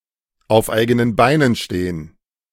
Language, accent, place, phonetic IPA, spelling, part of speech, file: German, Germany, Berlin, [aʊ̯f ˌaɪ̯ɡənən ˈbaɪ̯nən ˌʃteːən], auf eigenen Beinen stehen, verb, De-auf eigenen Beinen stehen.ogg
- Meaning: to stand on one's own two feet